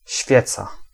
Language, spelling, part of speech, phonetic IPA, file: Polish, świeca, noun, [ˈɕfʲjɛt͡sa], Pl-świeca.ogg